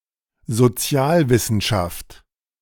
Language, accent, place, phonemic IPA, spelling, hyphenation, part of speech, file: German, Germany, Berlin, /zoˈt͡si̯aːlˌvɪsn̩ʃaft/, Sozialwissenschaft, So‧zi‧al‧wis‧sen‧schaft, noun, De-Sozialwissenschaft.ogg
- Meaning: social studies